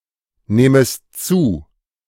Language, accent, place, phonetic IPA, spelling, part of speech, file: German, Germany, Berlin, [ˌneːməst ˈt͡suː], nehmest zu, verb, De-nehmest zu.ogg
- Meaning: second-person singular subjunctive I of zunehmen